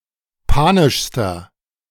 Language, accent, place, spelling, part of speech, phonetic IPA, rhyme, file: German, Germany, Berlin, panischster, adjective, [ˈpaːnɪʃstɐ], -aːnɪʃstɐ, De-panischster.ogg
- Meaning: inflection of panisch: 1. strong/mixed nominative masculine singular superlative degree 2. strong genitive/dative feminine singular superlative degree 3. strong genitive plural superlative degree